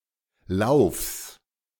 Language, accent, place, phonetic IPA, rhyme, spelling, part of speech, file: German, Germany, Berlin, [laʊ̯fs], -aʊ̯fs, Laufs, noun, De-Laufs.ogg
- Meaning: genitive singular of Lauf